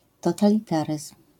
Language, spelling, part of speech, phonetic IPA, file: Polish, totalitaryzm, noun, [ˌtɔtalʲiˈtarɨsm̥], LL-Q809 (pol)-totalitaryzm.wav